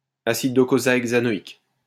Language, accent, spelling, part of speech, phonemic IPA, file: French, France, acide docosahexaénoïque, noun, /a.sid dɔ.ko.za.ɛɡ.za.e.nɔ.ik/, LL-Q150 (fra)-acide docosahexaénoïque.wav
- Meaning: docosahexaenoic acid